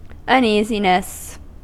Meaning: 1. The state of being uneasy, nervous or restless 2. An anxious state of mind; anxiety
- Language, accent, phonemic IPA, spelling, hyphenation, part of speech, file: English, US, /ʌnˈiːzinəs/, uneasiness, un‧easi‧ness, noun, En-us-uneasiness.ogg